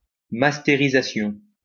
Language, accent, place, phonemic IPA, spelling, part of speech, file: French, France, Lyon, /mas.te.ʁi.za.sjɔ̃/, mastérisation, noun, LL-Q150 (fra)-mastérisation.wav
- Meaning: 1. burning (of a CD or DVD) 2. mastering (of a record)